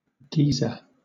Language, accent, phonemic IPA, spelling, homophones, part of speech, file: English, Southern England, /ˈɡiː.zə/, geyser, guiser / geezer, noun / verb, LL-Q1860 (eng)-geyser.wav
- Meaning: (noun) A boiling natural spring which throws forth jets of water, mud, etc., at frequent intervals, driven upwards by the expansive power of steam